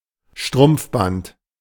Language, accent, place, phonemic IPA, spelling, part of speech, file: German, Germany, Berlin, /ˈʃtʁʊmpfˌbant/, Strumpfband, noun, De-Strumpfband.ogg
- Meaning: garter